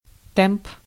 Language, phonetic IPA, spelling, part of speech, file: Russian, [tɛmp], темп, noun, Ru-темп.ogg
- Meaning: 1. rate, speed, pace 2. tempo